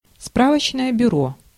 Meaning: information desk, inquiry office
- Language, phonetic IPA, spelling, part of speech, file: Russian, [ˈspravət͡ɕnəjə bʲʊˈro], справочное бюро, noun, Ru-справочное бюро.ogg